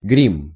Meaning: 1. makeup (especially theatrical makeup) 2. grease-paint
- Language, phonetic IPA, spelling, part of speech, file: Russian, [ɡrʲim], грим, noun, Ru-грим.ogg